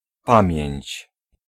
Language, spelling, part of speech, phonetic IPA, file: Polish, pamięć, noun, [ˈpãmʲjɛ̇̃ɲt͡ɕ], Pl-pamięć.ogg